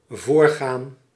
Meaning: to lead, precede
- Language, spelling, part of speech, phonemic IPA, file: Dutch, voorgaan, verb, /ˈvoːrˌɣaːn/, Nl-voorgaan.ogg